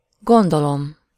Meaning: first-person singular indicative present definite of gondol
- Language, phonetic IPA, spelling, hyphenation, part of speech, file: Hungarian, [ˈɡondolom], gondolom, gon‧do‧lom, verb, Hu-gondolom.ogg